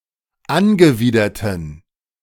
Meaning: inflection of angewidert: 1. strong genitive masculine/neuter singular 2. weak/mixed genitive/dative all-gender singular 3. strong/weak/mixed accusative masculine singular 4. strong dative plural
- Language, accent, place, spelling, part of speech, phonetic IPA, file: German, Germany, Berlin, angewiderten, adjective, [ˈanɡəˌviːdɐtn̩], De-angewiderten.ogg